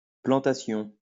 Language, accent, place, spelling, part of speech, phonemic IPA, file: French, France, Lyon, plantation, noun, /plɑ̃.ta.sjɔ̃/, LL-Q150 (fra)-plantation.wav
- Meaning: 1. planting 2. plantation